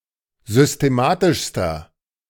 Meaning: inflection of systematisch: 1. strong/mixed nominative masculine singular superlative degree 2. strong genitive/dative feminine singular superlative degree 3. strong genitive plural superlative degree
- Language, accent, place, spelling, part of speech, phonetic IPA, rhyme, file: German, Germany, Berlin, systematischster, adjective, [zʏsteˈmaːtɪʃstɐ], -aːtɪʃstɐ, De-systematischster.ogg